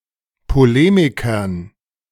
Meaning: dative plural of Polemiker
- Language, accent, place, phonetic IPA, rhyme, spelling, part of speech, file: German, Germany, Berlin, [poˈleːmɪkɐn], -eːmɪkɐn, Polemikern, noun, De-Polemikern.ogg